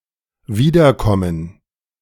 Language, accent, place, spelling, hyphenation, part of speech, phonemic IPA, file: German, Germany, Berlin, wiederkommen, wie‧der‧kom‧men, verb, /ˈviːdɐˌkɔmən/, De-wiederkommen.ogg
- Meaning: to return, to come back, to come again